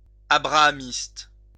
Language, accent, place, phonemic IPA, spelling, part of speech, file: French, France, Lyon, /a.bʁa.a.mist/, abrahamiste, adjective, LL-Q150 (fra)-abrahamiste.wav
- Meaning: of the patriarch Abraham; Abrahamitic